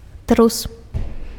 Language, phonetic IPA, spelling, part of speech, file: Belarusian, [trus], трус, noun, Be-трус.ogg
- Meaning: 1. rabbit 2. earthquake